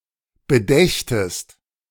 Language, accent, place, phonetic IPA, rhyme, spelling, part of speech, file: German, Germany, Berlin, [bəˈdɛçtəst], -ɛçtəst, bedächtest, verb, De-bedächtest.ogg
- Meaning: second-person singular subjunctive II of bedenken